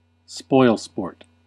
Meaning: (noun) Someone who puts an end to others' fun, especially harmless fun; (adjective) Like a spoilsport
- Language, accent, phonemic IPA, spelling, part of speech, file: English, US, /ˈspɔɪl.spɔɹt/, spoilsport, noun / adjective, En-us-spoilsport.ogg